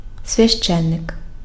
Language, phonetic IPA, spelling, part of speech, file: Ukrainian, [sʲʋʲɐʃˈt͡ʃɛnːek], священник, noun, Uk-священник.ogg
- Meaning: priest, clergyman